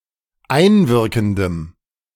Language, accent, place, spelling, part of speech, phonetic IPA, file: German, Germany, Berlin, einwirkendem, adjective, [ˈaɪ̯nˌvɪʁkn̩dəm], De-einwirkendem.ogg
- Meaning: strong dative masculine/neuter singular of einwirkend